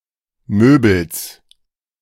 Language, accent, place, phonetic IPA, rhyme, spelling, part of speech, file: German, Germany, Berlin, [ˈmøːbl̩s], -øːbl̩s, Möbels, noun, De-Möbels.ogg
- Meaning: genitive singular of Möbel